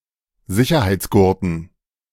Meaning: dative plural of Sicherheitsgurt
- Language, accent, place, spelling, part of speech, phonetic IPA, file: German, Germany, Berlin, Sicherheitsgurten, noun, [ˈzɪçɐhaɪ̯t͡sˌɡʊʁtn̩], De-Sicherheitsgurten.ogg